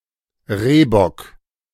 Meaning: roebuck (a male roe deer)
- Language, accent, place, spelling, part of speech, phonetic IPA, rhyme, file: German, Germany, Berlin, Rehbock, noun, [ˈʁeːbɔk], -eːbɔk, De-Rehbock.ogg